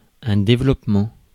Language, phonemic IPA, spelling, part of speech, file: French, /de.vlɔp.mɑ̃/, développement, noun, Fr-développement.ogg
- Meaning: 1. development 2. net